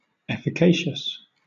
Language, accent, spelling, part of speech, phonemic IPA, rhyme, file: English, Southern England, efficacious, adjective, /ˌɛf.ɪˈkeɪ.ʃəs/, -eɪʃəs, LL-Q1860 (eng)-efficacious.wav
- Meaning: Effective; possessing efficacy